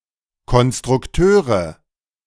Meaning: nominative/accusative/genitive plural of Konstrukteur
- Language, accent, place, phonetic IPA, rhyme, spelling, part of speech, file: German, Germany, Berlin, [kɔnstʁʊkˈtøːʁə], -øːʁə, Konstrukteure, noun, De-Konstrukteure.ogg